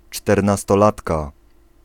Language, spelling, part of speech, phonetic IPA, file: Polish, czternastolatka, noun, [ˌt͡ʃtɛrnastɔˈlatka], Pl-czternastolatka.ogg